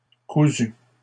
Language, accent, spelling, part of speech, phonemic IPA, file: French, Canada, cousus, verb, /ku.zy/, LL-Q150 (fra)-cousus.wav
- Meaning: masculine plural of cousu